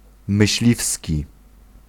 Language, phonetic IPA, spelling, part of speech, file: Polish, [mɨɕˈlʲifsʲci], myśliwski, adjective, Pl-myśliwski.ogg